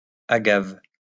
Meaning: agave
- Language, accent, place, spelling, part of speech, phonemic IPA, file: French, France, Lyon, agave, noun, /a.ɡav/, LL-Q150 (fra)-agave.wav